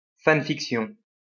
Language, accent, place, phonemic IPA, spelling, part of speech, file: French, France, Lyon, /fan.fik.sjɔ̃/, fanfiction, noun, LL-Q150 (fra)-fanfiction.wav
- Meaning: fan fiction